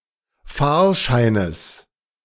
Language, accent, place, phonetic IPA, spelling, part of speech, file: German, Germany, Berlin, [ˈfaːɐ̯ˌʃaɪ̯nəs], Fahrscheines, noun, De-Fahrscheines.ogg
- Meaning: genitive singular of Fahrschein